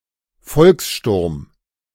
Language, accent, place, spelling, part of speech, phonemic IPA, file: German, Germany, Berlin, Volkssturm, proper noun, /ˈfɔlksˌʃtʊʁm/, De-Volkssturm.ogg
- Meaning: militia established by Nazi Germany during the last months of World War II